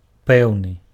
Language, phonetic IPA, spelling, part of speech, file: Belarusian, [ˈpɛu̯nɨ], пэўны, adjective, Be-пэўны.ogg
- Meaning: 1. certain, sure, confident 2. definite 3. concrete